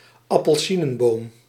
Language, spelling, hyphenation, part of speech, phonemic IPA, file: Dutch, appelsienenboom, ap‧pel‧sie‧nen‧boom, noun, /ɑ.pəlˈsi.nə(n)ˌboːm/, Nl-appelsienenboom.ogg
- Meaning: orange tree